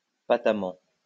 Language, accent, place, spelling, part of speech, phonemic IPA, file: French, France, Lyon, patemment, adverb, /pa.ta.mɑ̃/, LL-Q150 (fra)-patemment.wav
- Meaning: patently